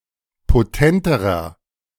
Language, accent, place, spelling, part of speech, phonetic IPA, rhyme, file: German, Germany, Berlin, potenterer, adjective, [poˈtɛntəʁɐ], -ɛntəʁɐ, De-potenterer.ogg
- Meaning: inflection of potent: 1. strong/mixed nominative masculine singular comparative degree 2. strong genitive/dative feminine singular comparative degree 3. strong genitive plural comparative degree